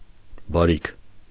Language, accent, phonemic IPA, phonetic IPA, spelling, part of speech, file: Armenian, Eastern Armenian, /bɑˈɾikʰ/, [bɑɾíkʰ], բարիք, noun, Hy-բարիք.ogg
- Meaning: 1. wealth, property 2. good; good deed; benefit, benefaction, boon